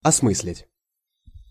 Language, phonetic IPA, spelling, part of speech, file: Russian, [ɐsˈmɨs⁽ʲ⁾lʲɪtʲ], осмыслить, verb, Ru-осмыслить.ogg
- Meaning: 1. to comprehend, to grasp 2. to analyze, to interpret